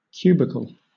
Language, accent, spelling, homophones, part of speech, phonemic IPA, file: English, Southern England, cubicle, cubical, noun, /ˈkjuːbɪkəl/, LL-Q1860 (eng)-cubicle.wav
- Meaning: 1. A small separate part or one of the compartments of a room, especially in a work environment 2. A small enclosure at a swimming pool etc. used to provide personal privacy when changing